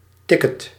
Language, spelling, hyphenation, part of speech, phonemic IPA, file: Dutch, ticket, tic‧ket, noun, /ˈtɪ.kət/, Nl-ticket.ogg
- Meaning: ticket or voucher